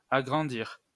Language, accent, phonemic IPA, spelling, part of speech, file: French, France, /a.ɡʁɑ̃.diʁ/, agrandir, verb, LL-Q150 (fra)-agrandir.wav
- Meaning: 1. to enlarge, make bigger 2. to extend, to expand (a house, building, area) 3. to grow, get bigger 4. to embiggen 5. to aggrandize